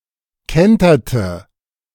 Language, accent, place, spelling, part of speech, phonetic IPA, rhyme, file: German, Germany, Berlin, kenterte, verb, [ˈkɛntɐtə], -ɛntɐtə, De-kenterte.ogg
- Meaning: inflection of kentern: 1. first/third-person singular preterite 2. first/third-person singular subjunctive II